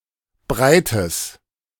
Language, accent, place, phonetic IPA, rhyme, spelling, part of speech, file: German, Germany, Berlin, [ˈbʁaɪ̯təs], -aɪ̯təs, breites, adjective, De-breites.ogg
- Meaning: strong/mixed nominative/accusative neuter singular of breit